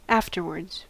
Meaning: At a later or succeeding time; after that;
- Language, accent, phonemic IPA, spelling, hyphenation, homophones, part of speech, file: English, US, /ˈæf.tɚ.wɚdz/, afterwards, af‧ter‧wards, afterwords, adverb, En-us-afterwards.ogg